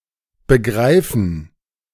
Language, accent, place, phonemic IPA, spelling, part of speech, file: German, Germany, Berlin, /bəˈɡʁaɪ̯fən/, begreifen, verb, De-begreifen.ogg
- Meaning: 1. to grasp fully; to comprehend; to conceive, to fathom 2. to understand intellectually 3. to consider (to be); to see (as)